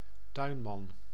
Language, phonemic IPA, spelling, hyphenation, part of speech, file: Dutch, /ˈtœy̯n.mɑn/, tuinman, tuin‧man, noun, Nl-tuinman.ogg
- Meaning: male professional gardener